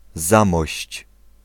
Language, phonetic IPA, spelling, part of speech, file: Polish, [ˈzãmɔɕt͡ɕ], Zamość, proper noun, Pl-Zamość.ogg